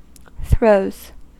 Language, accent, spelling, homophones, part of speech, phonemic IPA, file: English, US, throws, throes, noun / verb, /θɹoʊz/, En-us-throws.ogg
- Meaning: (noun) plural of throw; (verb) third-person singular simple present indicative of throw